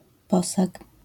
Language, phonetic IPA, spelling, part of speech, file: Polish, [ˈpɔsak], posag, noun, LL-Q809 (pol)-posag.wav